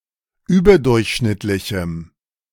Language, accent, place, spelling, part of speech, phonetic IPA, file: German, Germany, Berlin, überdurchschnittlichem, adjective, [ˈyːbɐˌdʊʁçʃnɪtlɪçm̩], De-überdurchschnittlichem.ogg
- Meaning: strong dative masculine/neuter singular of überdurchschnittlich